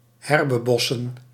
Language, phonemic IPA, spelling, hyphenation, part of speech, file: Dutch, /ˈɦɛr.bəˌbɔ.sə(n)/, herbebossen, her‧be‧bos‧sen, verb, Nl-herbebossen.ogg
- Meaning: to reforest